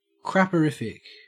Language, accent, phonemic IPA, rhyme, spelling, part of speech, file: English, Australia, /ˌkɹæpəˈɹɪf.ɪk/, -ɪfɪk, crapperific, adjective, En-au-crapperific.ogg
- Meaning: Extremely awful